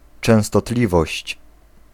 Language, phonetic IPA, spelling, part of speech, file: Polish, [ˌt͡ʃɛ̃w̃stɔˈtlʲivɔɕt͡ɕ], częstotliwość, noun, Pl-częstotliwość.ogg